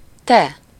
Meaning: you (second-person singular, nominative, informal form)
- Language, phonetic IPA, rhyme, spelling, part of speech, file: Hungarian, [ˈtɛ], -tɛ, te, pronoun, Hu-te.ogg